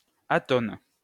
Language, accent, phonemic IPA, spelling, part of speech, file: French, France, /a.tɔn/, atone, adjective, LL-Q150 (fra)-atone.wav
- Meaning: 1. expressionless 2. unstressed 3. mute